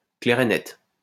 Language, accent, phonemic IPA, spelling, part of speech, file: French, France, /klɛʁ e nɛt/, clair et net, adjective, LL-Q150 (fra)-clair et net.wav
- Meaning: crystal clear, clear-cut, cut-and-dried, loud and clear, no ifs or buts